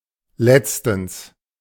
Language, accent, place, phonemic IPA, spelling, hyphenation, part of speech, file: German, Germany, Berlin, /ˈlɛts.təns/, letztens, letz‧tens, adverb, De-letztens.ogg
- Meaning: 1. recently; the other day 2. lastly; finally